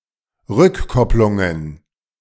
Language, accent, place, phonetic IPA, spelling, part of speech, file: German, Germany, Berlin, [ˈʁʏkˌkɔplʊŋən], Rückkopplungen, noun, De-Rückkopplungen.ogg
- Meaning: plural of Rückkopplung